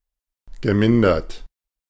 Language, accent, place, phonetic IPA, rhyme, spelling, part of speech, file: German, Germany, Berlin, [ɡəˈmɪndɐt], -ɪndɐt, gemindert, verb, De-gemindert.ogg
- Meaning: past participle of mindern